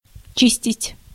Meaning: 1. to clean, to scour 2. to peel
- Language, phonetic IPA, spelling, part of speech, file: Russian, [ˈt͡ɕisʲtʲɪtʲ], чистить, verb, Ru-чистить.ogg